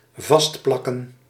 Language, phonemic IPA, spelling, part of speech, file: Dutch, /ˈvɑs(t)plɑkə(n)/, vastplakken, verb, Nl-vastplakken.ogg
- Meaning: 1. to be stuck onto something, to stick 2. to stick (onto something)